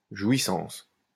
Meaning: 1. use, possession, enjoyment 2. enjoyment, deep pleasure 3. sexual pleasure, sensual delight; orgasm, climax
- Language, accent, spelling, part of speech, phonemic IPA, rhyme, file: French, France, jouissance, noun, /ʒwi.sɑ̃s/, -ɑ̃s, LL-Q150 (fra)-jouissance.wav